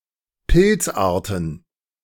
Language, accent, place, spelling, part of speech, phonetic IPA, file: German, Germany, Berlin, Pilzarten, noun, [ˈpɪlt͡sˌʔaːɐ̯tn̩], De-Pilzarten.ogg
- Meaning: plural of Pilzart